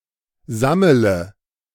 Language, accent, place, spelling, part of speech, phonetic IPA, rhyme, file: German, Germany, Berlin, sammele, verb, [ˈzamələ], -amələ, De-sammele.ogg
- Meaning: inflection of sammeln: 1. first-person singular present 2. singular imperative 3. first/third-person singular subjunctive I